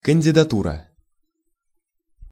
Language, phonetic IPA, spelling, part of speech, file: Russian, [kənʲdʲɪdɐˈturə], кандидатура, noun, Ru-кандидатура.ogg
- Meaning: candidature, candidacy, nomination